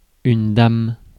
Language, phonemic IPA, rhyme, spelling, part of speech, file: French, /dam/, -am, dame, noun / interjection, Fr-dame.ogg
- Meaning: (noun) 1. lady 2. queen 3. draughts (UK), checkers (US); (interjection) why, indeed